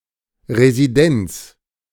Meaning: 1. residence, abode 2. residency 3. capital
- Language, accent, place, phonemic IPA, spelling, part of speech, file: German, Germany, Berlin, /ʁeziˈdɛnt͡s/, Residenz, noun, De-Residenz.ogg